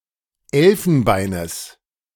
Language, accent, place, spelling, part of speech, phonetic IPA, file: German, Germany, Berlin, Elfenbeines, noun, [ˈɛlfn̩ˌbaɪ̯nəs], De-Elfenbeines.ogg
- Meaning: genitive of Elfenbein